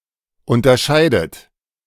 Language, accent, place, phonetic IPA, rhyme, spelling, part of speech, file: German, Germany, Berlin, [ˌʊntɐˈʃaɪ̯dət], -aɪ̯dət, unterscheidet, verb, De-unterscheidet.ogg
- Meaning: inflection of unterscheiden: 1. third-person singular present 2. second-person plural present